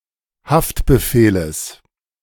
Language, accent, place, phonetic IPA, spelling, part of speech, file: German, Germany, Berlin, [ˈhaftbəˌfeːləs], Haftbefehles, noun, De-Haftbefehles.ogg
- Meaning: genitive singular of Haftbefehl